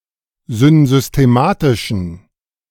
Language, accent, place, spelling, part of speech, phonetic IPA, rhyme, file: German, Germany, Berlin, synsystematischen, adjective, [zʏnzʏsteˈmaːtɪʃn̩], -aːtɪʃn̩, De-synsystematischen.ogg
- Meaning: inflection of synsystematisch: 1. strong genitive masculine/neuter singular 2. weak/mixed genitive/dative all-gender singular 3. strong/weak/mixed accusative masculine singular 4. strong dative plural